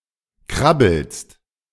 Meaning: second-person singular present of krabbeln
- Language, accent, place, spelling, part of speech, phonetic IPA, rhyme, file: German, Germany, Berlin, krabbelst, verb, [ˈkʁabl̩st], -abl̩st, De-krabbelst.ogg